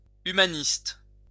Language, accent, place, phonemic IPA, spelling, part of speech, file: French, France, Lyon, /y.ma.nist/, humaniste, adjective / noun, LL-Q150 (fra)-humaniste.wav
- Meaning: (adjective) humanist, humanistic; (noun) humanist